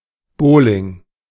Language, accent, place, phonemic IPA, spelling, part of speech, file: German, Germany, Berlin, /ˈboːlɪŋ/, Bowling, noun, De-Bowling.ogg
- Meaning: bowling